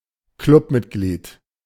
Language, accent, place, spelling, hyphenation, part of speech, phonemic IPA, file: German, Germany, Berlin, Clubmitglied, Club‧mit‧glied, noun, /ˈklʊpˌmɪtɡliːt/, De-Clubmitglied.ogg
- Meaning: club member